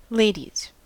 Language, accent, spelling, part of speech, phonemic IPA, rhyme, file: English, US, ladies, noun, /ˈleɪ.diz/, -eɪdiz, En-us-ladies.ogg
- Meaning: 1. plural of lady 2. genitive of lady 3. An initial hand consisting of a pair of queens 4. A ladies' room: a lavatory intended for use by women